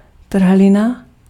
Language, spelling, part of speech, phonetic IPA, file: Czech, trhlina, noun, [ˈtr̩ɦlɪna], Cs-trhlina.ogg
- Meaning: crack (thin space opened in a previously solid material)